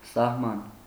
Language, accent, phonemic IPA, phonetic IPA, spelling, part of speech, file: Armenian, Eastern Armenian, /sɑhˈmɑn/, [sɑhmɑ́n], սահման, noun, Hy-սահման.ogg
- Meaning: 1. boundary, border 2. limit 3. end